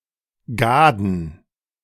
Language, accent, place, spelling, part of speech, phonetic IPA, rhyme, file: German, Germany, Berlin, Gaaden, proper noun, [ˈɡaːdn̩], -aːdn̩, De-Gaaden.ogg
- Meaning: a municipality of Lower Austria, Austria